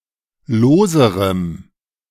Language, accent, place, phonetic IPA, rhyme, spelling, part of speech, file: German, Germany, Berlin, [ˈloːzəʁəm], -oːzəʁəm, loserem, adjective, De-loserem.ogg
- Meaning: strong dative masculine/neuter singular comparative degree of lose